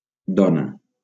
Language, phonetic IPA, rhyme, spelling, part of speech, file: Catalan, [ˈdɔ.na], -ɔna, dona, noun, LL-Q7026 (cat)-dona.wav
- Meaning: 1. woman 2. wife